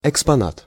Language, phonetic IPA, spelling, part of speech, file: Russian, [ɪkspɐˈnat], экспонат, noun, Ru-экспонат.ogg
- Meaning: exhibit (something exhibited)